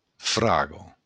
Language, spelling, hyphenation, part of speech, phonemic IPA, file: Occitan, fraga, fra‧ga, noun, /ˈfɾa.ɣɔ/, LL-Q942602-fraga.wav
- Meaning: strawberry